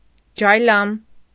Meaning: ostrich
- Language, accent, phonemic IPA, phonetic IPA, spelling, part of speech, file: Armenian, Eastern Armenian, /d͡ʒɑjˈlɑm/, [d͡ʒɑjlɑ́m], ջայլամ, noun, Hy-ջայլամ.ogg